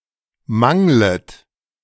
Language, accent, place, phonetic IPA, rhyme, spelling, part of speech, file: German, Germany, Berlin, [ˈmaŋlət], -aŋlət, manglet, verb, De-manglet.ogg
- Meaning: second-person plural subjunctive I of mangeln